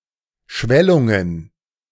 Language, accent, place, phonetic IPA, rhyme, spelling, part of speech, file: German, Germany, Berlin, [ˈʃvɛlʊŋən], -ɛlʊŋən, Schwellungen, noun, De-Schwellungen.ogg
- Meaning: plural of Schwellung